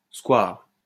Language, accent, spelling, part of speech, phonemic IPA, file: French, France, square, noun, /skwaʁ/, LL-Q150 (fra)-square.wav
- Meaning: 1. square (public plaza) 2. small public garden in the middle of a square